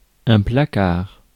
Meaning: 1. a cupboard, cabinet or closet built against or into a wall 2. an advertisement that is injurious, seditious or in otherwise bad taste 3. a placard
- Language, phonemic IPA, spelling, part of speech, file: French, /pla.kaʁ/, placard, noun, Fr-placard.ogg